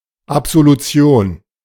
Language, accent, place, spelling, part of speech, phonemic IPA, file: German, Germany, Berlin, Absolution, noun, /apz̥oluˈt͡si̯oːn/, De-Absolution.ogg
- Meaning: absolution